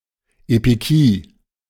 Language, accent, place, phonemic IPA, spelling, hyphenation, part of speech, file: German, Germany, Berlin, /epiˈkiː/, Epikie, Epi‧kie, noun, De-Epikie.ogg
- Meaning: 1. epikeia 2. equity